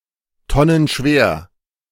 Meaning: very heavy (weighing at least a ton)
- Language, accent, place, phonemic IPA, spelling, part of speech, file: German, Germany, Berlin, /ˈtɔnənˌʃveːɐ̯/, tonnenschwer, adjective, De-tonnenschwer.ogg